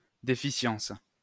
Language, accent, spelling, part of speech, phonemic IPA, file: French, France, déficience, noun, /de.fi.sjɑ̃s/, LL-Q150 (fra)-déficience.wav
- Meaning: deficiency